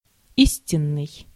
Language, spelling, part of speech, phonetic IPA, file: Russian, истинный, adjective, [ˈisʲtʲɪn(ː)ɨj], Ru-истинный.ogg
- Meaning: 1. veritable, true 2. genuine 3. actual